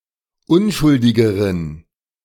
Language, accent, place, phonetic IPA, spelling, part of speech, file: German, Germany, Berlin, [ˈʊnʃʊldɪɡəʁən], unschuldigeren, adjective, De-unschuldigeren.ogg
- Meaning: inflection of unschuldig: 1. strong genitive masculine/neuter singular comparative degree 2. weak/mixed genitive/dative all-gender singular comparative degree